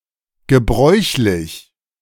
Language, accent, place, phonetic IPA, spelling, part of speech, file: German, Germany, Berlin, [ɡəˈbʁɔʏ̯çlɪç], gebräuchlich, adjective, De-gebräuchlich.ogg
- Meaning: usual, customary, common, in use